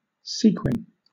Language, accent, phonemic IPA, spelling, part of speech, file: English, Southern England, /ˈsiː.kwɪn/, sequin, noun / verb, LL-Q1860 (eng)-sequin.wav
- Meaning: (noun) 1. Any of various small gold coins minted in Italy and Turkey 2. A sparkling spangle used for the decoration of ornate clothing; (verb) To decorate with sequins